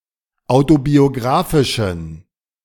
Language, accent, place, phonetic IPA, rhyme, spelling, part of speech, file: German, Germany, Berlin, [ˌaʊ̯tobioˈɡʁaːfɪʃn̩], -aːfɪʃn̩, autobiographischen, adjective, De-autobiographischen.ogg
- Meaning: inflection of autobiographisch: 1. strong genitive masculine/neuter singular 2. weak/mixed genitive/dative all-gender singular 3. strong/weak/mixed accusative masculine singular